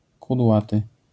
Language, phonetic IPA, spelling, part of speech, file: Polish, [kudˈwatɨ], kudłaty, adjective, LL-Q809 (pol)-kudłaty.wav